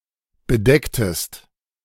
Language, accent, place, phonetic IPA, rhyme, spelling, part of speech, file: German, Germany, Berlin, [bəˈdɛktəst], -ɛktəst, bedecktest, verb, De-bedecktest.ogg
- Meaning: inflection of bedecken: 1. second-person singular preterite 2. second-person singular subjunctive II